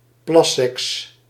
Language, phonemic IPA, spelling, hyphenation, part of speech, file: Dutch, /ˈplɑ.sɛks/, plasseks, plas‧seks, noun, Nl-plasseks.ogg
- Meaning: pee sex (any sexual activity that involves urination or urine in noticeable quantities)